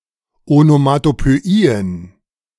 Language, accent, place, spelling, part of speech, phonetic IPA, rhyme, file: German, Germany, Berlin, Onomatopöien, noun, [onomatopøˈiːən], -iːən, De-Onomatopöien.ogg
- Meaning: plural of Onomatopöie